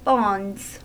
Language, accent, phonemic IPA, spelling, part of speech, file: English, US, /bɑndz/, bonds, noun / verb, En-us-bonds.ogg
- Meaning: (noun) 1. plural of bond 2. imprisonment, captivity 3. the condition of goods in a bonded warehouse until duty is paid; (verb) third-person singular simple present indicative of bond